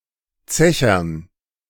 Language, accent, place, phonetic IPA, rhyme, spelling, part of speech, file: German, Germany, Berlin, [ˈt͡sɛçɐn], -ɛçɐn, Zechern, noun, De-Zechern.ogg
- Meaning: dative plural of Zecher